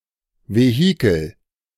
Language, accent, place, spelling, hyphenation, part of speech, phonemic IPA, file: German, Germany, Berlin, Vehikel, Ve‧hi‧kel, noun, /veˈhiːkl̩/, De-Vehikel.ogg
- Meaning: 1. vehicle (medium for expression of talent or views) 2. vehicle, rattletrap